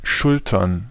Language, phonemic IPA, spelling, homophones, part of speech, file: German, /ˈʃʊltɐn/, Schultern, schultern, noun, De-Schultern.ogg
- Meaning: plural of Schulter "shoulders"